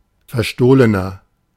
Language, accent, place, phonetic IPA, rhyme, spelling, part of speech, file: German, Germany, Berlin, [fɛɐ̯ˈʃtoːlənɐ], -oːlənɐ, verstohlener, adjective, De-verstohlener.ogg
- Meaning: 1. comparative degree of verstohlen 2. inflection of verstohlen: strong/mixed nominative masculine singular 3. inflection of verstohlen: strong genitive/dative feminine singular